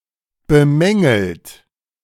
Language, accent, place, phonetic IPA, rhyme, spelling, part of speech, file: German, Germany, Berlin, [bəˈmɛŋl̩t], -ɛŋl̩t, bemängelt, verb, De-bemängelt.ogg
- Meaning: 1. past participle of bemängeln 2. inflection of bemängeln: third-person singular present 3. inflection of bemängeln: second-person plural present 4. inflection of bemängeln: plural imperative